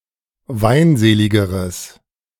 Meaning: strong/mixed nominative/accusative neuter singular comparative degree of weinselig
- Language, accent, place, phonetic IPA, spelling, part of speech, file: German, Germany, Berlin, [ˈvaɪ̯nˌzeːlɪɡəʁəs], weinseligeres, adjective, De-weinseligeres.ogg